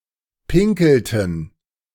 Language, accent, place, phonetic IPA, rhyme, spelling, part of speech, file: German, Germany, Berlin, [ˈpɪŋkl̩tn̩], -ɪŋkl̩tn̩, pinkelten, verb, De-pinkelten.ogg
- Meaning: inflection of pinkeln: 1. first/third-person plural preterite 2. first/third-person plural subjunctive II